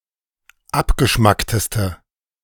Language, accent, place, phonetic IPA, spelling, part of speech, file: German, Germany, Berlin, [ˈapɡəˌʃmaktəstə], abgeschmackteste, adjective, De-abgeschmackteste.ogg
- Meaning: inflection of abgeschmackt: 1. strong/mixed nominative/accusative feminine singular superlative degree 2. strong nominative/accusative plural superlative degree